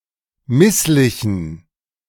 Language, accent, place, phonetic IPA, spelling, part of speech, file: German, Germany, Berlin, [ˈmɪslɪçn̩], misslichen, adjective, De-misslichen.ogg
- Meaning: inflection of misslich: 1. strong genitive masculine/neuter singular 2. weak/mixed genitive/dative all-gender singular 3. strong/weak/mixed accusative masculine singular 4. strong dative plural